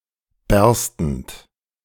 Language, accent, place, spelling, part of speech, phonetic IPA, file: German, Germany, Berlin, berstend, verb, [ˈbɛʁstn̩t], De-berstend.ogg
- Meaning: present participle of bersten